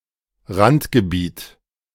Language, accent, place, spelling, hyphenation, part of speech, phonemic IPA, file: German, Germany, Berlin, Randgebiet, Rand‧ge‧biet, noun, /ˈʁantɡəˌbiːt/, De-Randgebiet.ogg
- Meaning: 1. fringe, edges, outskirts 2. fringe area